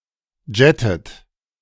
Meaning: inflection of jetten: 1. second-person plural present 2. second-person plural subjunctive I 3. third-person singular present 4. plural imperative
- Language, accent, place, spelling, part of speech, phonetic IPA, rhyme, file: German, Germany, Berlin, jettet, verb, [ˈd͡ʒɛtət], -ɛtət, De-jettet.ogg